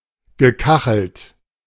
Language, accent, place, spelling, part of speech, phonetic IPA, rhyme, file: German, Germany, Berlin, gekachelt, verb, [ɡəˈkaxl̩t], -axl̩t, De-gekachelt.ogg
- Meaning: past participle of kacheln